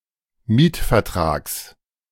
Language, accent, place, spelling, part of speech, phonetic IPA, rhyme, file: German, Germany, Berlin, Mietvertrags, noun, [ˈmiːtfɛɐ̯ˌtʁaːks], -iːtfɛɐ̯tʁaːks, De-Mietvertrags.ogg
- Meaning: genitive singular of Mietvertrag